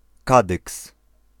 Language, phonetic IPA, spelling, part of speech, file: Polish, [ˈkadɨks], Kadyks, proper noun, Pl-Kadyks.ogg